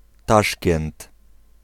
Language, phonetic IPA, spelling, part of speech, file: Polish, [ˈtaʃkɛ̃nt], Taszkent, proper noun, Pl-Taszkent.ogg